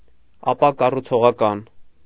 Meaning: unconstructive
- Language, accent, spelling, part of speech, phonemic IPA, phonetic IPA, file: Armenian, Eastern Armenian, ապակառուցողական, adjective, /ɑpɑkɑrut͡sʰoʁɑˈkɑn/, [ɑpɑkɑrut͡sʰoʁɑkɑ́n], Hy-ապակառուցողական.ogg